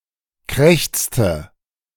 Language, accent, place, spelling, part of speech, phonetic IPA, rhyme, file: German, Germany, Berlin, krächzte, verb, [ˈkʁɛçt͡stə], -ɛçt͡stə, De-krächzte.ogg
- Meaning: inflection of krächzen: 1. first/third-person singular preterite 2. first/third-person singular subjunctive II